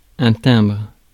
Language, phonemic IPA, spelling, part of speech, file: French, /tɛ̃bʁ/, timbre, noun, Fr-timbre.ogg
- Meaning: 1. small bell 2. stamp, postage stamp 3. stamp (mark) 4. timbre 5. quality of a vowel